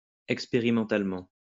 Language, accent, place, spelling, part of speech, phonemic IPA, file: French, France, Lyon, expérimentalement, adverb, /ɛk.spe.ʁi.mɑ̃.tal.mɑ̃/, LL-Q150 (fra)-expérimentalement.wav
- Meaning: experimentally